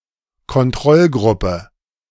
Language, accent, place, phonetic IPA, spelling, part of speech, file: German, Germany, Berlin, [kɔnˈtʁɔlˌɡʁʊpə], Kontrollgruppe, noun, De-Kontrollgruppe.ogg
- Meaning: control group